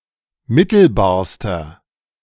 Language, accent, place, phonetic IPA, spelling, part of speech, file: German, Germany, Berlin, [ˈmɪtl̩baːɐ̯stɐ], mittelbarster, adjective, De-mittelbarster.ogg
- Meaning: inflection of mittelbar: 1. strong/mixed nominative masculine singular superlative degree 2. strong genitive/dative feminine singular superlative degree 3. strong genitive plural superlative degree